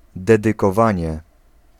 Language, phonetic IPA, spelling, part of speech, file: Polish, [ˌdɛdɨkɔˈvãɲɛ], dedykowanie, noun, Pl-dedykowanie.ogg